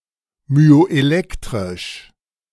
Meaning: myoelectric
- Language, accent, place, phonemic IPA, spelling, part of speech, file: German, Germany, Berlin, /myoʔeˈlɛktʁɪʃ/, myoelektrisch, adjective, De-myoelektrisch.ogg